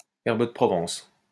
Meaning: herbes de Provence
- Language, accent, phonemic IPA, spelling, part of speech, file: French, France, /ɛʁ.b(ə) də pʁɔ.vɑ̃s/, herbes de Provence, noun, LL-Q150 (fra)-herbes de Provence.wav